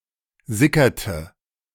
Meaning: inflection of sickern: 1. first/third-person singular preterite 2. first/third-person singular subjunctive II
- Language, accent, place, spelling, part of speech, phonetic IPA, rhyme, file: German, Germany, Berlin, sickerte, verb, [ˈzɪkɐtə], -ɪkɐtə, De-sickerte.ogg